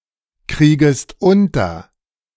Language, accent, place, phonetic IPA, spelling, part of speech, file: German, Germany, Berlin, [ˌkʁiːɡəst ˈʊntɐ], kriegest unter, verb, De-kriegest unter.ogg
- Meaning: second-person singular subjunctive I of unterkriegen